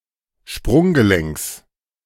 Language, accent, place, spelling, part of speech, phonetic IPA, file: German, Germany, Berlin, Sprunggelenks, noun, [ˈʃpʁʊŋɡəˌlɛŋks], De-Sprunggelenks.ogg
- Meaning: genitive of Sprunggelenk